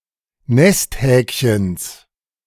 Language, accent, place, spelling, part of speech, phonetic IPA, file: German, Germany, Berlin, Nesthäkchens, noun, [ˈnɛstˌhɛːkçəns], De-Nesthäkchens.ogg
- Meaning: genitive singular of Nesthäkchen